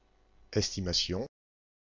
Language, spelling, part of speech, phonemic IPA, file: French, estimation, noun, /ɛs.ti.ma.sjɔ̃/, FR-estimation.ogg
- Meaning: estimate; estimation (rough calculation or guess)